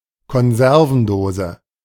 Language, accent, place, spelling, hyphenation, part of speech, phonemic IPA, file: German, Germany, Berlin, Konservendose, Kon‧ser‧ven‧do‧se, noun, /kɔnˈzɛʁvn̩ˌdoːzə/, De-Konservendose.ogg
- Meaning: tin / can (airtight container for conserving food)